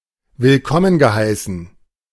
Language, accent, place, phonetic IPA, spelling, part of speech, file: German, Germany, Berlin, [vɪlˈkɔmən ɡəˌhaɪ̯sn̩], willkommen geheißen, verb, De-willkommen geheißen.ogg
- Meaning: past participle of willkommen heißen